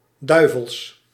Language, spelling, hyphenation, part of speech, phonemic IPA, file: Dutch, duivels, dui‧vels, adjective / noun, /ˈdœy̯.vəls/, Nl-duivels.ogg
- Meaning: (adjective) devilish; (noun) 1. plural of duivel 2. genitive singular of duivel